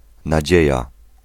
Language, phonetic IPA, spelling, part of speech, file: Polish, [naˈd͡ʑɛ̇ja], nadzieja, noun, Pl-nadzieja.ogg